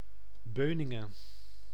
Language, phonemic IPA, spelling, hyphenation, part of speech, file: Dutch, /ˈbøː.nɪ.ŋə(n)/, Beuningen, Beu‧nin‧gen, proper noun, Nl-Beuningen.ogg
- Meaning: 1. Beuningen (a village and municipality of Gelderland, Netherlands) 2. a village in Losser, Overijssel, Netherlands